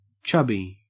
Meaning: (adjective) 1. Of a person: slightly overweight, somewhat fat, and hence plump, rounded, and soft 2. Of a body part: containing a moderate amount of fat; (noun) A chubby, plump person
- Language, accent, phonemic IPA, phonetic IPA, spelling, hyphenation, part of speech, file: English, Australia, /ˈt͡ʃɐ̞bi/, [ˈt͡ʃʰɐ̞bi], chubby, chubb‧y, adjective / noun, En-au-chubby.ogg